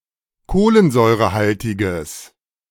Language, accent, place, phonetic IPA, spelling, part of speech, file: German, Germany, Berlin, [ˈkoːlənzɔɪ̯ʁəˌhaltɪɡəs], kohlensäurehaltiges, adjective, De-kohlensäurehaltiges.ogg
- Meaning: strong/mixed nominative/accusative neuter singular of kohlensäurehaltig